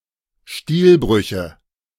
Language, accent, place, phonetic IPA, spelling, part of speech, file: German, Germany, Berlin, [ˈstiːlˌbʁʏçə], Stilbrüche, noun, De-Stilbrüche.ogg
- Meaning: nominative/accusative/genitive plural of Stilbruch